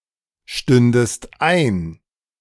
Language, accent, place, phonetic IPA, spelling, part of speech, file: German, Germany, Berlin, [ˌʃtʏndəst ˈaɪ̯n], stündest ein, verb, De-stündest ein.ogg
- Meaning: second-person singular subjunctive II of einstehen